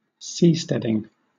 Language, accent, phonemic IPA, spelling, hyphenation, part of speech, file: English, Southern England, /ˈsiː.stɛ.dɪŋ/, seasteading, sea‧stead‧ing, noun, LL-Q1860 (eng)-seasteading.wav
- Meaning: The creation of permanent dwellings at sea, especially outside the territory claimed by any national government